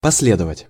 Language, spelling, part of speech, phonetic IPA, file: Russian, последовать, verb, [pɐs⁽ʲ⁾ˈlʲedəvətʲ], Ru-последовать.ogg
- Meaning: 1. to follow (move continually behind someone or something) 2. to follow (in sequence), to be next 3. to follow (logically, consequentially), to be a consequence